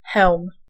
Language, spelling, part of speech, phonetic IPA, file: Polish, hełm, noun, [xɛwm], Pl-hełm.ogg